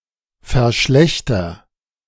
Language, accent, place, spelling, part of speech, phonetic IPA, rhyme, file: German, Germany, Berlin, verschlechter, verb, [fɛɐ̯ˈʃlɛçtɐ], -ɛçtɐ, De-verschlechter.ogg
- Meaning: inflection of verschlechtern: 1. first-person singular present 2. singular imperative